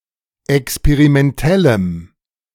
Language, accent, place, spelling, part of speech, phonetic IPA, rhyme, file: German, Germany, Berlin, experimentellem, adjective, [ɛkspeʁimɛnˈtɛləm], -ɛləm, De-experimentellem.ogg
- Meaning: strong dative masculine/neuter singular of experimentell